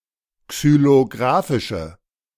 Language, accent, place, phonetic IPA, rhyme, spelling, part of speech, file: German, Germany, Berlin, [ksyloˈɡʁaːfɪʃə], -aːfɪʃə, xylographische, adjective, De-xylographische.ogg
- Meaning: inflection of xylographisch: 1. strong/mixed nominative/accusative feminine singular 2. strong nominative/accusative plural 3. weak nominative all-gender singular